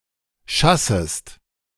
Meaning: second-person singular subjunctive I of schassen
- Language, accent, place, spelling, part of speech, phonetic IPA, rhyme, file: German, Germany, Berlin, schassest, verb, [ˈʃasəst], -asəst, De-schassest.ogg